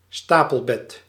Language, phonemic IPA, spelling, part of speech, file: Dutch, /ˈstapəlˌbɛt/, stapelbed, noun, Nl-stapelbed.ogg
- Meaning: bunkbed